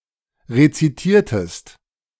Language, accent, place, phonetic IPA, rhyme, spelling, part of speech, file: German, Germany, Berlin, [ʁet͡siˈtiːɐ̯təst], -iːɐ̯təst, rezitiertest, verb, De-rezitiertest.ogg
- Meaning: inflection of rezitieren: 1. second-person singular preterite 2. second-person singular subjunctive II